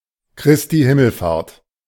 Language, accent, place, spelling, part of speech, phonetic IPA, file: German, Germany, Berlin, Christi Himmelfahrt, proper noun, [ˈkʁɪsti ˈhɪml̩faːɐ̯t], De-Christi Himmelfahrt.ogg
- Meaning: Ascension Day